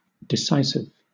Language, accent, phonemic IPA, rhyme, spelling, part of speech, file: English, Southern England, /dɪˈsaɪsɪv/, -aɪsɪv, decisive, adjective, LL-Q1860 (eng)-decisive.wav
- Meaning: 1. Having the power or quality of deciding a question or controversy; putting an end to contest or controversy; final; conclusive 2. Decided; definite; incontrovertible